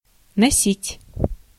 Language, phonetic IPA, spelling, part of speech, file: Russian, [nɐˈsʲitʲ], носить, verb, Ru-носить.ogg
- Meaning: 1. to carry, to bear (a burden) 2. to carry along, to drive 3. to have something (e.g. a name, sideburns, a gun...) 4. to wear (clothes, shoes or makeup)